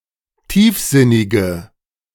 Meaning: inflection of tiefsinnig: 1. strong/mixed nominative/accusative feminine singular 2. strong nominative/accusative plural 3. weak nominative all-gender singular
- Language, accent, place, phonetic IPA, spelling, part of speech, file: German, Germany, Berlin, [ˈtiːfˌzɪnɪɡə], tiefsinnige, adjective, De-tiefsinnige.ogg